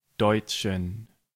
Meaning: inflection of deutsch: 1. strong genitive masculine/neuter singular 2. weak/mixed genitive/dative all-gender singular 3. strong/weak/mixed accusative masculine singular 4. strong dative plural
- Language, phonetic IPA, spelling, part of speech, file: German, [ˈdɔɪ̯t͡ʃn̩], deutschen, adjective, De-deutschen.ogg